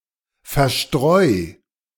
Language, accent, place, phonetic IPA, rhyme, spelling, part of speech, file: German, Germany, Berlin, [fɛɐ̯ˈʃtʁɔɪ̯], -ɔɪ̯, verstreu, verb, De-verstreu.ogg
- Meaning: 1. singular imperative of verstreuen 2. first-person singular present of verstreuen